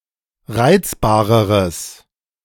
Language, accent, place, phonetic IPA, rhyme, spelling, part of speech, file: German, Germany, Berlin, [ˈʁaɪ̯t͡sbaːʁəʁəs], -aɪ̯t͡sbaːʁəʁəs, reizbareres, adjective, De-reizbareres.ogg
- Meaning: strong/mixed nominative/accusative neuter singular comparative degree of reizbar